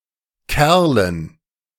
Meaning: dative plural of Kerl
- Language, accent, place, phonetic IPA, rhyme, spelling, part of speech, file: German, Germany, Berlin, [ˈkɛʁlən], -ɛʁlən, Kerlen, noun, De-Kerlen.ogg